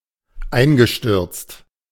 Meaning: past participle of einstürzen
- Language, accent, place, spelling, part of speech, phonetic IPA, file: German, Germany, Berlin, eingestürzt, adjective / verb, [ˈaɪ̯nɡəˌʃtʏʁt͡st], De-eingestürzt.ogg